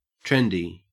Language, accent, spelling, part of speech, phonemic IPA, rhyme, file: English, Australia, trendy, adjective / noun, /ˈtɹɛndi/, -ɛndi, En-au-trendy.ogg
- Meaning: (adjective) Of, or in accordance with the latest trend, fashion or hype; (noun) A trendy person